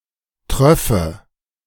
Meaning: first/third-person singular subjunctive II of triefen
- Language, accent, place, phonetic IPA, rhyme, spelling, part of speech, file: German, Germany, Berlin, [ˈtʁœfə], -œfə, tröffe, verb, De-tröffe.ogg